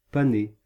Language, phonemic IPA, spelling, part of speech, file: French, /pa.ne/, paner, verb, Fr-paner.ogg
- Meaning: to bread (coat with bread or breadcrumbs)